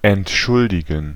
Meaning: 1. to excuse (something or (formal) someone) 2. to offer excuse for someone’s absence, to hand in a sick note etc 3. to apologize, make an apology
- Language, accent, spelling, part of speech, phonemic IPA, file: German, Germany, entschuldigen, verb, /ɛntˈʃʊldɪɡən/, De-entschuldigen.ogg